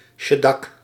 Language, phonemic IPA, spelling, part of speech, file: Dutch, /ˈʃɛdɑk/, sheddak, noun, Nl-sheddak.ogg
- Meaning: saw-tooth roof